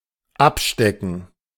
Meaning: to stake out
- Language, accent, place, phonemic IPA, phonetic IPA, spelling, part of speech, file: German, Germany, Berlin, /ˈapˌʃtɛkən/, [ˈʔapˌʃtɛkŋ̩], abstecken, verb, De-abstecken.ogg